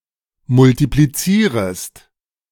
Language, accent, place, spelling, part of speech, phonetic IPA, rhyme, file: German, Germany, Berlin, multiplizierest, verb, [mʊltipliˈt͡siːʁəst], -iːʁəst, De-multiplizierest.ogg
- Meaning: second-person singular subjunctive I of multiplizieren